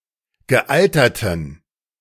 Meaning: inflection of gealtert: 1. strong genitive masculine/neuter singular 2. weak/mixed genitive/dative all-gender singular 3. strong/weak/mixed accusative masculine singular 4. strong dative plural
- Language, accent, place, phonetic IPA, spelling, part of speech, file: German, Germany, Berlin, [ɡəˈʔaltɐtən], gealterten, adjective, De-gealterten.ogg